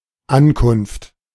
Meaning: arrival
- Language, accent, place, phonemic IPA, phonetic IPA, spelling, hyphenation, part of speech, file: German, Germany, Berlin, /ˈankʊnft/, [ˈʔankʰʊnftʰ], Ankunft, An‧kunft, noun, De-Ankunft.ogg